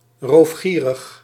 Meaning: rapacious
- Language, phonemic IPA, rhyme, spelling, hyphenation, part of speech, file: Dutch, /ˌroːfˈxiː.rɪx/, -iːrɪx, roofgierig, roof‧gie‧rig, adjective, Nl-roofgierig.ogg